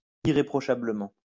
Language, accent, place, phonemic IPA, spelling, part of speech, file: French, France, Lyon, /i.ʁe.pʁɔ.ʃa.blə.mɑ̃/, irréprochablement, adverb, LL-Q150 (fra)-irréprochablement.wav
- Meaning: irreproachably (in a way that is beyond reproach)